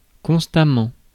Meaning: constantly
- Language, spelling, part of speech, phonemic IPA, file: French, constamment, adverb, /kɔ̃s.ta.mɑ̃/, Fr-constamment.ogg